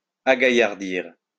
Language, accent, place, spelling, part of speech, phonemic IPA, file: French, France, Lyon, agaillardir, verb, /a.ɡa.jaʁ.diʁ/, LL-Q150 (fra)-agaillardir.wav
- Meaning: 1. to render more lively, strong 2. to become more lively, to excite oneself into a frenzy